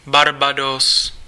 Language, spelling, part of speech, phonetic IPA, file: Czech, Barbados, proper noun, [ˈbarbados], Cs-Barbados.ogg
- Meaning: Barbados (an island and country in the Caribbean)